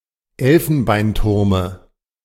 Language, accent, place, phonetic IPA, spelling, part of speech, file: German, Germany, Berlin, [ˈɛlfn̩baɪ̯nˌtʊʁmə], Elfenbeinturme, noun, De-Elfenbeinturme.ogg
- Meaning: dative singular of Elfenbeinturm